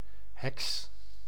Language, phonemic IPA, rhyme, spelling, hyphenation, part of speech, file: Dutch, /ɦɛks/, -ɛks, heks, heks, noun, Nl-heks.ogg
- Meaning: 1. witch (sorceress) 2. witch (term of abuse for a woman)